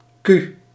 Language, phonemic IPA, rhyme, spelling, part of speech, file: Dutch, /ky/, -y, q, character, Nl-q.ogg
- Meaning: The seventeenth letter of the Dutch alphabet, written in the Latin script